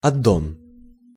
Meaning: add-on (extension of core application)
- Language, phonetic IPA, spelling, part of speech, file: Russian, [ɐˈdon], аддон, noun, Ru-аддон.ogg